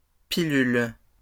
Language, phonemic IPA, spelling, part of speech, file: French, /pi.lyl/, pilules, noun, LL-Q150 (fra)-pilules.wav
- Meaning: plural of pilule